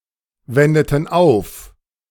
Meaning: inflection of aufwenden: 1. first/third-person plural preterite 2. first/third-person plural subjunctive II
- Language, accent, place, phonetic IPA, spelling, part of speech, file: German, Germany, Berlin, [ˌvɛndətn̩ ˈaʊ̯f], wendeten auf, verb, De-wendeten auf.ogg